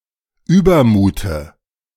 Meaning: dative of Übermut
- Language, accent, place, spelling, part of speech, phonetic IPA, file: German, Germany, Berlin, Übermute, noun, [ˈyːbɐˌmuːtə], De-Übermute.ogg